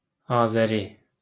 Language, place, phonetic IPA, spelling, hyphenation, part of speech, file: Azerbaijani, Baku, [ɑːzæˈɾi], azəri, a‧zə‧ri, noun, LL-Q9292 (aze)-azəri.wav
- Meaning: Azeri, Azerbaijani (person)